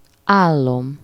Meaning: first-person singular indicative present definite of áll
- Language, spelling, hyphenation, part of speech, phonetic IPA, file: Hungarian, állom, ál‧lom, verb, [ˈaːlːom], Hu-állom.ogg